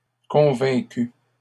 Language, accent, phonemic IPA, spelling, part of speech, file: French, Canada, /kɔ̃.vɛ̃.ky/, convaincue, verb, LL-Q150 (fra)-convaincue.wav
- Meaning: feminine singular of convaincu